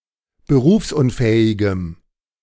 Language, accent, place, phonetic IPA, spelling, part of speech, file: German, Germany, Berlin, [bəˈʁuːfsʔʊnˌfɛːɪɡəm], berufsunfähigem, adjective, De-berufsunfähigem.ogg
- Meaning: strong dative masculine/neuter singular of berufsunfähig